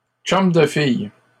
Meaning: Non-romantic girlfriend, female friend (especially of a woman)
- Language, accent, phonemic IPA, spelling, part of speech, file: French, Canada, /tʃɔm də fij/, chum de fille, noun, LL-Q150 (fra)-chum de fille.wav